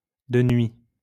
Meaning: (adverb) at night; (adjective) night
- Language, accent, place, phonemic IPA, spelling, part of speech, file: French, France, Lyon, /də nɥi/, de nuit, adverb / adjective, LL-Q150 (fra)-de nuit.wav